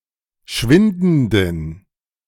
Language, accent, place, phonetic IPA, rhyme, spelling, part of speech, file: German, Germany, Berlin, [ˈʃvɪndn̩dən], -ɪndn̩dən, schwindenden, adjective, De-schwindenden.ogg
- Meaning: inflection of schwindend: 1. strong genitive masculine/neuter singular 2. weak/mixed genitive/dative all-gender singular 3. strong/weak/mixed accusative masculine singular 4. strong dative plural